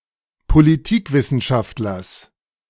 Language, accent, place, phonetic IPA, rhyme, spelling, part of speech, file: German, Germany, Berlin, [poliˈtiːkˌvɪsn̩ʃaftlɐs], -iːkvɪsn̩ʃaftlɐs, Politikwissenschaftlers, noun, De-Politikwissenschaftlers.ogg
- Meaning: genitive singular of Politikwissenschaftler